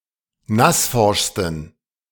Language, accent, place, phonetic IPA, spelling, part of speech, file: German, Germany, Berlin, [ˈnasˌfɔʁʃstn̩], nassforschsten, adjective, De-nassforschsten.ogg
- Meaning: 1. superlative degree of nassforsch 2. inflection of nassforsch: strong genitive masculine/neuter singular superlative degree